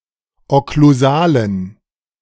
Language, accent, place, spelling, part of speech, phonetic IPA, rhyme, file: German, Germany, Berlin, okklusalen, adjective, [ɔkluˈzaːlən], -aːlən, De-okklusalen.ogg
- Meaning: inflection of okklusal: 1. strong genitive masculine/neuter singular 2. weak/mixed genitive/dative all-gender singular 3. strong/weak/mixed accusative masculine singular 4. strong dative plural